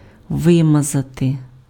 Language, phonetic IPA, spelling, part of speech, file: Ukrainian, [ˈʋɪmɐzɐte], вимазати, verb, Uk-вимазати.ogg
- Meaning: 1. to smear on, to cover by smearing 2. to soil, to stain, to pollute